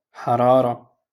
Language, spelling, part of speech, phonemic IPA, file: Moroccan Arabic, حرارة, noun, /ħa.raː.ra/, LL-Q56426 (ary)-حرارة.wav
- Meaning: 1. heat 2. temperature